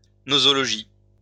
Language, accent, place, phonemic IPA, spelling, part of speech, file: French, France, Lyon, /no.zɔ.lɔ.ʒi/, nosologie, noun, LL-Q150 (fra)-nosologie.wav
- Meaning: nosology